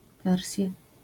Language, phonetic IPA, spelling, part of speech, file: Polish, [ˈvɛrsʲja], wersja, noun, LL-Q809 (pol)-wersja.wav